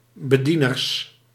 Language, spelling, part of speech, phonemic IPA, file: Dutch, bedieners, noun, /bəˈdinərs/, Nl-bedieners.ogg
- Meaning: plural of bediener